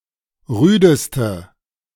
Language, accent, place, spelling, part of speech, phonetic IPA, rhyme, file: German, Germany, Berlin, rüdeste, adjective, [ˈʁyːdəstə], -yːdəstə, De-rüdeste.ogg
- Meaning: inflection of rüde: 1. strong/mixed nominative/accusative feminine singular superlative degree 2. strong nominative/accusative plural superlative degree